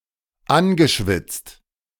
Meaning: past participle of anschwitzen
- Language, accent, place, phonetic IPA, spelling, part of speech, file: German, Germany, Berlin, [ˈanɡəˌʃvɪt͡st], angeschwitzt, verb, De-angeschwitzt.ogg